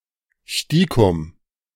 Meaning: discreetly, secretly
- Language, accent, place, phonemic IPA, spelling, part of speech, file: German, Germany, Berlin, /ˈʃtiːkʊm/, stiekum, adverb, De-stiekum.ogg